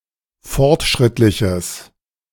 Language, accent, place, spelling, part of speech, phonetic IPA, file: German, Germany, Berlin, fortschrittliches, adjective, [ˈfɔʁtˌʃʁɪtlɪçəs], De-fortschrittliches.ogg
- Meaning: strong/mixed nominative/accusative neuter singular of fortschrittlich